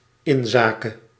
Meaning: concerning, as far as ... is concerned
- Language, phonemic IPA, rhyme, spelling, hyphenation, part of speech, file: Dutch, /ˌɪnˈzaː.kə/, -aːkə, inzake, in‧za‧ke, preposition, Nl-inzake.ogg